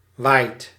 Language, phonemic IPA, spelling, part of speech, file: Dutch, /ʋaɪt/, waait, verb, Nl-waait.ogg
- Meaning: inflection of waaien: 1. second/third-person singular present indicative 2. plural imperative